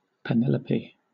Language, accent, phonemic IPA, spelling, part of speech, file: English, Southern England, /pɪˈnɛləpi/, Penelope, proper noun, LL-Q1860 (eng)-Penelope.wav
- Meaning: 1. The faithful wife of Odysseus 2. A female given name from Ancient Greek 3. A town in Texas